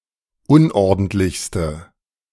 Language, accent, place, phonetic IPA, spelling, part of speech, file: German, Germany, Berlin, [ˈʊnʔɔʁdn̩tlɪçstə], unordentlichste, adjective, De-unordentlichste.ogg
- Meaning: inflection of unordentlich: 1. strong/mixed nominative/accusative feminine singular superlative degree 2. strong nominative/accusative plural superlative degree